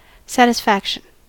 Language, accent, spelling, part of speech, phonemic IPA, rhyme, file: English, US, satisfaction, noun, /sætɪsˈfækʃən/, -ækʃən, En-us-satisfaction.ogg
- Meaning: 1. A fulfilment of a need or desire 2. The pleasure obtained by the fulfillment of one or more needs or desires; a sense of contentment with one's situation and achievements